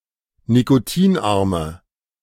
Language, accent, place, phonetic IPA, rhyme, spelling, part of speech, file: German, Germany, Berlin, [nikoˈtiːnˌʔaʁmə], -iːnʔaʁmə, nikotinarme, adjective, De-nikotinarme.ogg
- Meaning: inflection of nikotinarm: 1. strong/mixed nominative/accusative feminine singular 2. strong nominative/accusative plural 3. weak nominative all-gender singular